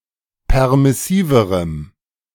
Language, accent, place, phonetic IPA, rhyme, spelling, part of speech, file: German, Germany, Berlin, [ˌpɛʁmɪˈsiːvəʁəm], -iːvəʁəm, permissiverem, adjective, De-permissiverem.ogg
- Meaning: strong dative masculine/neuter singular comparative degree of permissiv